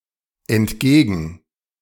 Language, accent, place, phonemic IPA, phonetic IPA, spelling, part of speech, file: German, Germany, Berlin, /ɛntˈɡeːɡən/, [ʔɛntˈɡeːɡŋ̩], entgegen-, prefix, De-entgegen-.ogg
- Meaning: Separable verb prefix that indicates movement towards or against something